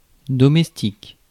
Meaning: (adjective) domestic; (noun) 1. servant; maid 2. cleaner, housemaid
- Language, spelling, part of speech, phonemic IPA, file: French, domestique, adjective / noun, /dɔ.mɛs.tik/, Fr-domestique.ogg